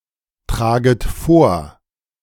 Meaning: second-person plural subjunctive I of vortragen
- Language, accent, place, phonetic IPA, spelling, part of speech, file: German, Germany, Berlin, [ˌtʁaːɡət ˈfoːɐ̯], traget vor, verb, De-traget vor.ogg